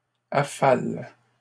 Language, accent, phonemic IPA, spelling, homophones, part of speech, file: French, Canada, /a.fal/, affale, affalent / affales, verb, LL-Q150 (fra)-affale.wav
- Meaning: inflection of affaler: 1. first/third-person singular present indicative/subjunctive 2. second-person singular imperative